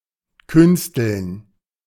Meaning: to make artificially
- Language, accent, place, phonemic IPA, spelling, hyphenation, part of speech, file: German, Germany, Berlin, /ˈkʏnstl̩n/, künsteln, küns‧teln, verb, De-künsteln.ogg